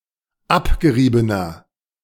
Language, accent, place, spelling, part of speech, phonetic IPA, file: German, Germany, Berlin, abgeriebener, adjective, [ˈapɡəˌʁiːbənɐ], De-abgeriebener.ogg
- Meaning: inflection of abgerieben: 1. strong/mixed nominative masculine singular 2. strong genitive/dative feminine singular 3. strong genitive plural